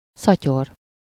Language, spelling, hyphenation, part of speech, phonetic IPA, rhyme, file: Hungarian, szatyor, sza‧tyor, noun, [ˈsɒcor], -or, Hu-szatyor.ogg
- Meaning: 1. shopping bag 2. hag (an unpleasant older woman)